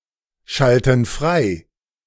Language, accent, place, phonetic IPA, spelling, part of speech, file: German, Germany, Berlin, [ˌʃaltn̩ ˈfʁaɪ̯], schalten frei, verb, De-schalten frei.ogg
- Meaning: inflection of freischalten: 1. first/third-person plural present 2. first/third-person plural subjunctive I